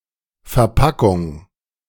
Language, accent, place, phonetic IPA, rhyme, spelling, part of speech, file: German, Germany, Berlin, [fɛɐ̯ˈpakʊŋ], -akʊŋ, Verpackung, noun, De-Verpackung.ogg
- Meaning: 1. packaging (the materials used to pack something) 2. process of packaging, or its result